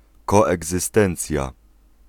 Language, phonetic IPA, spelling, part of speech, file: Polish, [ˌkɔɛɡzɨˈstɛ̃nt͡sʲja], koegzystencja, noun, Pl-koegzystencja.ogg